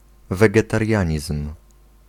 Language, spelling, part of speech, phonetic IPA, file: Polish, wegetarianizm, noun, [ˌvɛɡɛtarʲˈjä̃ɲism̥], Pl-wegetarianizm.ogg